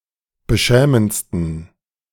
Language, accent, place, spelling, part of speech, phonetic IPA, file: German, Germany, Berlin, beschämendsten, adjective, [bəˈʃɛːmənt͡stn̩], De-beschämendsten.ogg
- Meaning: 1. superlative degree of beschämend 2. inflection of beschämend: strong genitive masculine/neuter singular superlative degree